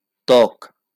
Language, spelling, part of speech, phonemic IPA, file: Bengali, ত্বক, noun, /t̪ɔk/, LL-Q9610 (ben)-ত্বক.wav
- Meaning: skin